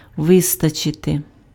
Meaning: to suffice, to be sufficient, to be enough
- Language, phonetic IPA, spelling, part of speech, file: Ukrainian, [ˈʋɪstɐt͡ʃete], вистачити, verb, Uk-вистачити.ogg